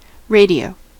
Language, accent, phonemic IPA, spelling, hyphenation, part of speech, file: English, US, /ˈɹeɪ.diˌoʊ/, radio, ra‧dio, noun / verb, En-us-radio.ogg
- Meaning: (noun) The technology that allows for the transmission of sound or other signals by modulation of electromagnetic waves